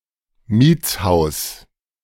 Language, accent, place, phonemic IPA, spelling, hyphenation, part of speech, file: German, Germany, Berlin, /ˈmiːt͡sˌhaʊ̯s/, Mietshaus, Miets‧haus, noun, De-Mietshaus.ogg
- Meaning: any house where people live for rent, e.g. an apartment building